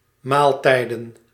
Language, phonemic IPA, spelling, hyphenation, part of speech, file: Dutch, /ˈmaːlˌtɛi̯.də(n)/, maaltijden, maal‧tij‧den, verb / noun, Nl-maaltijden.ogg
- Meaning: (verb) to take a meal, to eat at a mealtime; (noun) plural of maaltijd